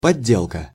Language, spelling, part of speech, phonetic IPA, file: Russian, подделка, noun, [pɐˈdʲːeɫkə], Ru-подделка.ogg
- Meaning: counterfeit, imitation; fake; forgery